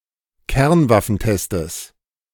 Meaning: plural of Kernwaffentest
- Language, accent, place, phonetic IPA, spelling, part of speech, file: German, Germany, Berlin, [ˈkɛʁnvafn̩ˌtɛstəs], Kernwaffentestes, noun, De-Kernwaffentestes.ogg